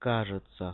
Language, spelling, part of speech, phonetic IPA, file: Russian, кажется, verb / particle, [ˈkaʐɨt͡sə], Ru-кажется.ogg
- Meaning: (verb) third-person singular present indicative imperfective of каза́ться (kazátʹsja, “to seem”); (particle) 1. apparently, it seems 2. maybe